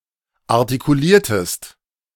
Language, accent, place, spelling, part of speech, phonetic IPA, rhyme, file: German, Germany, Berlin, artikuliertest, verb, [aʁtikuˈliːɐ̯təst], -iːɐ̯təst, De-artikuliertest.ogg
- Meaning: inflection of artikulieren: 1. second-person singular preterite 2. second-person singular subjunctive II